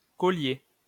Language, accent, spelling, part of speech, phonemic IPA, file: French, France, collier, noun, /kɔ.lje/, LL-Q150 (fra)-collier.wav
- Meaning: 1. a necklace, string-shaped jewel worn around the neck 2. collar (e.g. of a dog) 3. collar (on animals, colored fur around the neck)